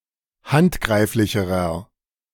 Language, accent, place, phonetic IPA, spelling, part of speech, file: German, Germany, Berlin, [ˈhantˌɡʁaɪ̯flɪçəʁɐ], handgreiflicherer, adjective, De-handgreiflicherer.ogg
- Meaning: inflection of handgreiflich: 1. strong/mixed nominative masculine singular comparative degree 2. strong genitive/dative feminine singular comparative degree